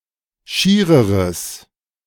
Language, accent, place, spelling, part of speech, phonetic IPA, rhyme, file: German, Germany, Berlin, schiereres, adjective, [ˈʃiːʁəʁəs], -iːʁəʁəs, De-schiereres.ogg
- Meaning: strong/mixed nominative/accusative neuter singular comparative degree of schier